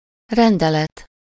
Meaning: 1. order, ruling 2. decree, regulation, edict
- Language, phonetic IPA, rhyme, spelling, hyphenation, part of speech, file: Hungarian, [ˈrɛndɛlɛt], -ɛt, rendelet, ren‧de‧let, noun, Hu-rendelet.ogg